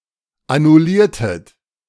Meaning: inflection of annullieren: 1. second-person plural preterite 2. second-person plural subjunctive II
- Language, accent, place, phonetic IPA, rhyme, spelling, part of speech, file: German, Germany, Berlin, [anʊˈliːɐ̯tət], -iːɐ̯tət, annulliertet, verb, De-annulliertet.ogg